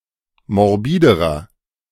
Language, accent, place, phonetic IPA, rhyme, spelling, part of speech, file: German, Germany, Berlin, [mɔʁˈbiːdəʁɐ], -iːdəʁɐ, morbiderer, adjective, De-morbiderer.ogg
- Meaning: inflection of morbid: 1. strong/mixed nominative masculine singular comparative degree 2. strong genitive/dative feminine singular comparative degree 3. strong genitive plural comparative degree